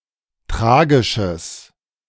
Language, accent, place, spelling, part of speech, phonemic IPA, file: German, Germany, Berlin, tragisches, adjective, /ˈtʁaːɡɪʃəs/, De-tragisches.ogg
- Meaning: strong/mixed nominative/accusative neuter singular of tragisch